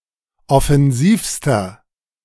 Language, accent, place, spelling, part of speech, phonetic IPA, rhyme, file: German, Germany, Berlin, offensivster, adjective, [ɔfɛnˈziːfstɐ], -iːfstɐ, De-offensivster.ogg
- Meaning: inflection of offensiv: 1. strong/mixed nominative masculine singular superlative degree 2. strong genitive/dative feminine singular superlative degree 3. strong genitive plural superlative degree